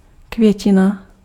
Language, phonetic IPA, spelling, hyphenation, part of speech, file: Czech, [ˈkvjɛcɪna], květina, kvě‧ti‧na, noun, Cs-květina.ogg
- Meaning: flowering plant